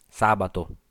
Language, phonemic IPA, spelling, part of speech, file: Italian, /ˈsabato/, sabato, noun, It-sabato.ogg